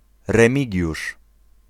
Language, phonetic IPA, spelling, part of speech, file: Polish, [rɛ̃ˈmʲiɟuʃ], Remigiusz, proper noun, Pl-Remigiusz.ogg